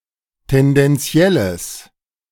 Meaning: strong/mixed nominative/accusative neuter singular of tendenziell
- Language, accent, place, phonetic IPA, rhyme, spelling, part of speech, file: German, Germany, Berlin, [tɛndɛnˈt͡si̯ɛləs], -ɛləs, tendenzielles, adjective, De-tendenzielles.ogg